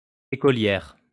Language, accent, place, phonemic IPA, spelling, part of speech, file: French, France, Lyon, /e.kɔ.ljɛʁ/, écolière, noun, LL-Q150 (fra)-écolière.wav
- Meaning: schoolgirl